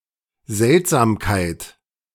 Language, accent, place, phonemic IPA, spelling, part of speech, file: German, Germany, Berlin, /ˈzɛltzaːmkaɪ̯t/, Seltsamkeit, noun, De-Seltsamkeit.ogg
- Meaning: weirdness, oddity, strangeness